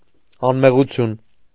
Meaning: innocence, guiltlessness
- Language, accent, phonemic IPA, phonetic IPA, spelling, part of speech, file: Armenian, Eastern Armenian, /ɑnmeʁuˈtʰjun/, [ɑnmeʁut͡sʰjún], անմեղություն, noun, Hy-անմեղություն.ogg